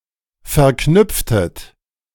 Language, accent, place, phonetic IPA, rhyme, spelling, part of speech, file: German, Germany, Berlin, [fɛɐ̯ˈknʏp͡ftət], -ʏp͡ftət, verknüpftet, verb, De-verknüpftet.ogg
- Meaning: inflection of verknüpfen: 1. second-person plural preterite 2. second-person plural subjunctive II